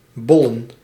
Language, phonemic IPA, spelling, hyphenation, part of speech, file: Dutch, /ˈbɔlə(n)/, bollen, bol‧len, verb / noun, Nl-bollen.ogg
- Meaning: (verb) 1. to swell, to billow 2. to inflate 3. to puff out; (noun) plural of bol